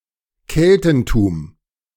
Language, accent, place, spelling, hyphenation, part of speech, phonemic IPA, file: German, Germany, Berlin, Keltentum, Kel‧ten‧tum, noun, /ˈkɛltn̩tuːm/, De-Keltentum.ogg
- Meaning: the culture, history, religion, and traditions of the Celtic peoples